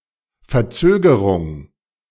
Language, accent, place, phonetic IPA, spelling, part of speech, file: German, Germany, Berlin, [fɛɐ̯ˈt͡søːɡəʁʊŋ], Verzögerung, noun, De-Verzögerung.ogg
- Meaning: delay